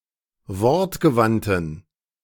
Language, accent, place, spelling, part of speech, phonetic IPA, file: German, Germany, Berlin, wortgewandten, adjective, [ˈvɔʁtɡəˌvantn̩], De-wortgewandten.ogg
- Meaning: inflection of wortgewandt: 1. strong genitive masculine/neuter singular 2. weak/mixed genitive/dative all-gender singular 3. strong/weak/mixed accusative masculine singular 4. strong dative plural